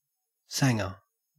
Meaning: Sandwich
- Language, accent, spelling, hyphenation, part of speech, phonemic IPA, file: English, Australia, sanga, sanga, noun, /ˈsæŋə/, En-au-sanga.ogg